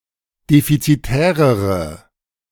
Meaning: inflection of defizitär: 1. strong/mixed nominative/accusative feminine singular comparative degree 2. strong nominative/accusative plural comparative degree
- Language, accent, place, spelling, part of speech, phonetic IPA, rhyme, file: German, Germany, Berlin, defizitärere, adjective, [ˌdefit͡siˈtɛːʁəʁə], -ɛːʁəʁə, De-defizitärere.ogg